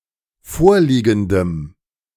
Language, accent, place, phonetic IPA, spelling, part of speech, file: German, Germany, Berlin, [ˈfoːɐ̯ˌliːɡn̩dəm], vorliegendem, adjective, De-vorliegendem.ogg
- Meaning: strong dative masculine/neuter singular of vorliegend